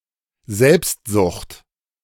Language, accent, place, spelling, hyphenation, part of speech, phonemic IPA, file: German, Germany, Berlin, Selbstsucht, Selbst‧sucht, noun, /ˈzɛlpstzʊxt/, De-Selbstsucht.ogg
- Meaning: selfishness, self-interest, egoism